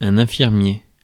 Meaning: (noun) nurse (medical professional); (adjective) nurse, nursing
- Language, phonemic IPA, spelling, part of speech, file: French, /ɛ̃.fiʁ.mje/, infirmier, noun / adjective, Fr-infirmier.ogg